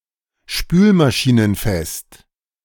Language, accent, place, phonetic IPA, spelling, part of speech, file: German, Germany, Berlin, [ˈʃpyːlmaʃiːnənˌfɛst], spülmaschinenfest, adjective, De-spülmaschinenfest.ogg
- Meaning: dishwasher safe